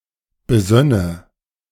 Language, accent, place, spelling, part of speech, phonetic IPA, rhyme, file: German, Germany, Berlin, besönne, verb, [bəˈzœnə], -œnə, De-besönne.ogg
- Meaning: first/third-person singular subjunctive II of besinnen